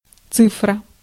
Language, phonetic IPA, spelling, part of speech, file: Russian, [ˈt͡sɨfrə], цифра, noun, Ru-цифра.ogg
- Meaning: 1. figure, digit, cipher, numeral (a symbol representing a number) 2. figure(s), number(s) 3. digital format 4. digital camera